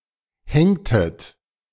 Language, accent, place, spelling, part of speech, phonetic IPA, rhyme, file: German, Germany, Berlin, hängtet, verb, [ˈhɛŋtət], -ɛŋtət, De-hängtet.ogg
- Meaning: inflection of hängen: 1. second-person plural preterite 2. second-person plural subjunctive II